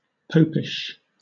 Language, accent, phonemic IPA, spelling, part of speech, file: English, Southern England, /ˈpəʊpɪʃ/, popish, adjective, LL-Q1860 (eng)-popish.wav
- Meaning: 1. of or pertaining to Roman Catholicism 2. acting like, or holding beliefs similar to, the pope